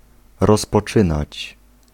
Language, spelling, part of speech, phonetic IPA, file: Polish, rozpoczynać, verb, [ˌrɔspɔˈt͡ʃɨ̃nat͡ɕ], Pl-rozpoczynać.ogg